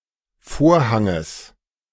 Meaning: genitive singular of Vorhang
- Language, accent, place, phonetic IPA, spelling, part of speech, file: German, Germany, Berlin, [ˈfoːɐ̯haŋəs], Vorhanges, noun, De-Vorhanges.ogg